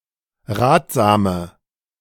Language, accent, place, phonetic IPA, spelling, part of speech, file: German, Germany, Berlin, [ˈʁaːtz̥aːmə], ratsame, adjective, De-ratsame.ogg
- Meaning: inflection of ratsam: 1. strong/mixed nominative/accusative feminine singular 2. strong nominative/accusative plural 3. weak nominative all-gender singular 4. weak accusative feminine/neuter singular